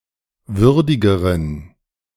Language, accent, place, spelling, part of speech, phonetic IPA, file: German, Germany, Berlin, würdigeren, adjective, [ˈvʏʁdɪɡəʁən], De-würdigeren.ogg
- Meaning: inflection of würdig: 1. strong genitive masculine/neuter singular comparative degree 2. weak/mixed genitive/dative all-gender singular comparative degree